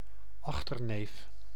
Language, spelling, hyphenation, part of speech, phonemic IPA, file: Dutch, achterneef, ach‧ter‧neef, noun, /ˈɑx.tərˌneːf/, Nl-achterneef.ogg
- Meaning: 1. a grandnephew 2. a male second cousin